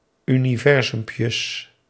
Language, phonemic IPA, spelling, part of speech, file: Dutch, /ˌyniˈvɛrzʏmpjəs/, universumpjes, noun, Nl-universumpjes.ogg
- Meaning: plural of universumpje